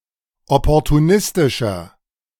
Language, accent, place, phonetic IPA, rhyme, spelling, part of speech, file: German, Germany, Berlin, [ˌɔpɔʁtuˈnɪstɪʃɐ], -ɪstɪʃɐ, opportunistischer, adjective, De-opportunistischer.ogg
- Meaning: 1. comparative degree of opportunistisch 2. inflection of opportunistisch: strong/mixed nominative masculine singular 3. inflection of opportunistisch: strong genitive/dative feminine singular